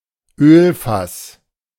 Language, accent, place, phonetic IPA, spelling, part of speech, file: German, Germany, Berlin, [ˈøːlfas], Ölfass, noun, De-Ölfass.ogg
- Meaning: oil drum, oil barrel